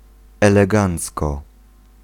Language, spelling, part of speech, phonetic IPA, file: Polish, elegancko, adverb, [ˌɛlɛˈɡãnt͡skɔ], Pl-elegancko.ogg